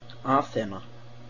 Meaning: 1. Athena 2. Athens (the capital city of Greece) 3. a female given name
- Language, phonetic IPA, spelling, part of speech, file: Icelandic, [ˈaːθɛna], Aþena, proper noun, Is-aþena.ogg